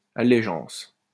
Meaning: allegiance
- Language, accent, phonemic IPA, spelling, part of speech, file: French, France, /a.le.ʒɑ̃s/, allégeance, noun, LL-Q150 (fra)-allégeance.wav